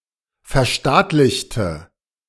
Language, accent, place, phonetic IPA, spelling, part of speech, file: German, Germany, Berlin, [fɛɐ̯ˈʃtaːtlɪçtə], verstaatlichte, adjective / verb, De-verstaatlichte.ogg
- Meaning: inflection of verstaatlichen: 1. first/third-person singular preterite 2. first/third-person singular subjunctive II